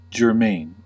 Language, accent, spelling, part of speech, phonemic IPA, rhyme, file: English, US, germane, adjective, /d͡ʒɝˈmeɪn/, -eɪn, En-us-germane.ogg
- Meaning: Related to a topic of discussion or consideration